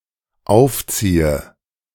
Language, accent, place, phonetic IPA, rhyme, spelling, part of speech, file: German, Germany, Berlin, [ˈaʊ̯fˌt͡siːə], -aʊ̯ft͡siːə, aufziehe, verb, De-aufziehe.ogg
- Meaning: inflection of aufziehen: 1. first-person singular dependent present 2. first/third-person singular dependent subjunctive I